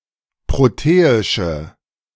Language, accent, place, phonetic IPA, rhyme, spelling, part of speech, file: German, Germany, Berlin, [ˌpʁoˈteːɪʃə], -eːɪʃə, proteische, adjective, De-proteische.ogg
- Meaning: inflection of proteisch: 1. strong/mixed nominative/accusative feminine singular 2. strong nominative/accusative plural 3. weak nominative all-gender singular